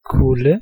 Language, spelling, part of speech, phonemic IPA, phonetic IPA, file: Danish, kulde, noun, /kulə/, [ˈkʰull̩], Da-kulde.ogg
- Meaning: 1. cold 2. coldness 3. frigidity